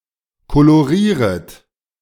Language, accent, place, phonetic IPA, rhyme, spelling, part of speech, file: German, Germany, Berlin, [koloˈʁiːʁət], -iːʁət, kolorieret, verb, De-kolorieret.ogg
- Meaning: second-person plural subjunctive I of kolorieren